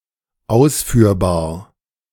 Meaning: 1. executable, feasible 2. exportable
- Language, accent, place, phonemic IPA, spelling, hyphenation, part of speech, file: German, Germany, Berlin, /ˈaʊ̯sfyːɐ̯baːɐ̯/, ausführbar, aus‧führ‧bar, adjective, De-ausführbar.ogg